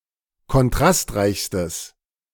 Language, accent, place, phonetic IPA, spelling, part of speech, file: German, Germany, Berlin, [kɔnˈtʁastˌʁaɪ̯çstəs], kontrastreichstes, adjective, De-kontrastreichstes.ogg
- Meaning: strong/mixed nominative/accusative neuter singular superlative degree of kontrastreich